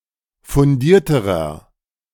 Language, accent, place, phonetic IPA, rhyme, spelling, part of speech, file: German, Germany, Berlin, [fʊnˈdiːɐ̯təʁɐ], -iːɐ̯təʁɐ, fundierterer, adjective, De-fundierterer.ogg
- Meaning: inflection of fundiert: 1. strong/mixed nominative masculine singular comparative degree 2. strong genitive/dative feminine singular comparative degree 3. strong genitive plural comparative degree